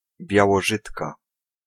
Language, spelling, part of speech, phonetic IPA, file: Polish, białorzytka, noun, [ˌbʲjawɔˈʒɨtka], Pl-białorzytka.ogg